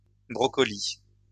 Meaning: plural of brocoli
- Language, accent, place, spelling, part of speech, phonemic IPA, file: French, France, Lyon, brocolis, noun, /bʁɔ.kɔ.li/, LL-Q150 (fra)-brocolis.wav